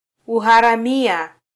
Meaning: banditry, piracy
- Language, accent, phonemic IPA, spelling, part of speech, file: Swahili, Kenya, /u.hɑ.ɾɑˈmi.ɑ/, uharamia, noun, Sw-ke-uharamia.flac